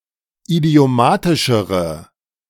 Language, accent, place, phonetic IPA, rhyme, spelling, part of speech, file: German, Germany, Berlin, [idi̯oˈmaːtɪʃəʁə], -aːtɪʃəʁə, idiomatischere, adjective, De-idiomatischere.ogg
- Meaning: inflection of idiomatisch: 1. strong/mixed nominative/accusative feminine singular comparative degree 2. strong nominative/accusative plural comparative degree